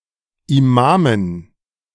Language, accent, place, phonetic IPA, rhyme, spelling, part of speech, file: German, Germany, Berlin, [iˈmaːmən], -aːmən, Imamen, noun, De-Imamen.ogg
- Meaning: dative plural of Imam